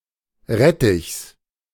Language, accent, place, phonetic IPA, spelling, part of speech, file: German, Germany, Berlin, [ˈʁɛtɪçs], Rettichs, noun, De-Rettichs.ogg
- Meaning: genitive singular of Rettich